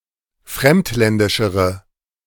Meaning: inflection of fremdländisch: 1. strong/mixed nominative/accusative feminine singular comparative degree 2. strong nominative/accusative plural comparative degree
- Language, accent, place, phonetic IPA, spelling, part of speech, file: German, Germany, Berlin, [ˈfʁɛmtˌlɛndɪʃəʁə], fremdländischere, adjective, De-fremdländischere.ogg